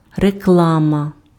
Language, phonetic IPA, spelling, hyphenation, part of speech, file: Ukrainian, [reˈkɫamɐ], реклама, ре‧кла‧ма, noun, Uk-реклама.ogg
- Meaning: 1. advertising, publicity 2. advertisement, ad, commercial (advertisement in a common media format)